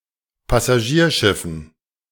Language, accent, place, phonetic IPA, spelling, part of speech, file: German, Germany, Berlin, [pasaˈʒiːɐ̯ˌʃɪfn̩], Passagierschiffen, noun, De-Passagierschiffen.ogg
- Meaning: dative plural of Passagierschiff